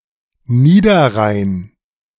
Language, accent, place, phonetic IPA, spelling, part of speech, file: German, Germany, Berlin, [ˈniːdɐˌʁaɪ̯n], Niederrhein, proper noun, De-Niederrhein.ogg
- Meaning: 1. Lower Rhine (the Rhine in Germany north of Bonn) 2. Lower Rhine region (a narrower geographical region along the Rhine, north-west of Düsseldorf)